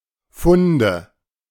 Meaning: nominative/accusative/genitive plural of Fund
- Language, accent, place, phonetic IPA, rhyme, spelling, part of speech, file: German, Germany, Berlin, [ˈfʊndə], -ʊndə, Funde, noun, De-Funde.ogg